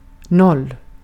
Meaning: zero
- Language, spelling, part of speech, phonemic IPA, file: Swedish, noll, numeral, /nɔl/, Sv-noll.ogg